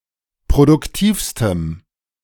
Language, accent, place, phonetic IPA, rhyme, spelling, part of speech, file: German, Germany, Berlin, [pʁodʊkˈtiːfstəm], -iːfstəm, produktivstem, adjective, De-produktivstem.ogg
- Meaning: strong dative masculine/neuter singular superlative degree of produktiv